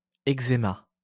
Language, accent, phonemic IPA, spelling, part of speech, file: French, France, /ɛɡ.ze.ma/, exéma, noun, LL-Q150 (fra)-exéma.wav
- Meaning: post-1990 spelling of eczéma